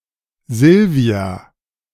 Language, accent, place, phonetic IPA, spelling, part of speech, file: German, Germany, Berlin, [ˈzɪlvi̯a], Silvia, proper noun, De-Silvia.ogg
- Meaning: a female given name, equivalent to English Silvia